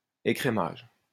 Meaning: 1. skimming, creaming off 2. price skimming
- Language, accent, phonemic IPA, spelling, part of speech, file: French, France, /e.kʁe.maʒ/, écrémage, noun, LL-Q150 (fra)-écrémage.wav